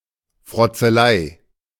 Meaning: teasing, jab
- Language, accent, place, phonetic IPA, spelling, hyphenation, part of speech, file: German, Germany, Berlin, [fʁɔt͡səˈlaɪ̯], Frotzelei, Frot‧ze‧lei, noun, De-Frotzelei.ogg